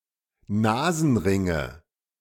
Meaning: nominative/accusative/genitive plural of Nasenring
- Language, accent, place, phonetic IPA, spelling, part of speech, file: German, Germany, Berlin, [ˈnaːzn̩ˌʁɪŋə], Nasenringe, noun, De-Nasenringe.ogg